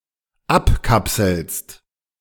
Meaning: second-person singular dependent present of abkapseln
- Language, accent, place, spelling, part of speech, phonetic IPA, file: German, Germany, Berlin, abkapselst, verb, [ˈapˌkapsl̩st], De-abkapselst.ogg